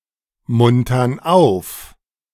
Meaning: inflection of aufmuntern: 1. first/third-person plural present 2. first/third-person plural subjunctive I
- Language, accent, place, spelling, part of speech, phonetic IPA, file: German, Germany, Berlin, muntern auf, verb, [ˌmʊntɐn ˈaʊ̯f], De-muntern auf.ogg